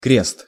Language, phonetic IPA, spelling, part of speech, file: Russian, [krʲest], крест, noun, Ru-крест.ogg
- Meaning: 1. cross 2. thief